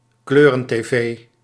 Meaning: a colour television (television set with colour images)
- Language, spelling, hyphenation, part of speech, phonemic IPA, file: Dutch, kleuren-tv, kleu‧ren-tv, noun, /ˈkløː.rə(n).teːˌveː/, Nl-kleuren-tv.ogg